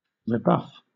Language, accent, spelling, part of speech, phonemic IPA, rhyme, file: English, Southern England, rebuff, noun / verb, /ɹɪˈbʌf/, -ʌf, LL-Q1860 (eng)-rebuff.wav
- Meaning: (noun) 1. A sudden resistance or refusal 2. Repercussion, or beating back; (verb) To refuse; to offer sudden or harsh resistance; to turn down or shut out